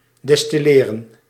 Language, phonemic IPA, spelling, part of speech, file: Dutch, /dɛstiˈleːrə(n)/, destilleren, verb, Nl-destilleren.ogg
- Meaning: alternative spelling of distilleren